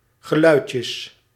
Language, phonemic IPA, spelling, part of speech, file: Dutch, /ɣəˈlœycəs/, geluidjes, noun, Nl-geluidjes.ogg
- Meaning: plural of geluidje